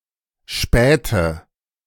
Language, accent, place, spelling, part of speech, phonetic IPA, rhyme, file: German, Germany, Berlin, spähte, verb, [ˈʃpɛːtə], -ɛːtə, De-spähte.ogg
- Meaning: inflection of spähen: 1. first/third-person singular preterite 2. first/third-person singular subjunctive II